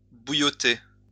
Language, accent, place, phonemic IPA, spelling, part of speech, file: French, France, Lyon, /bu.jɔ.te/, bouillotter, verb, LL-Q150 (fra)-bouillotter.wav
- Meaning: to simmer